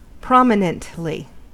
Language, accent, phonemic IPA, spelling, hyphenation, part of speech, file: English, US, /ˈpɹɑmɪnəntli/, prominently, prom‧i‧nent‧ly, adverb, En-us-prominently.ogg
- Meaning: In a prominent manner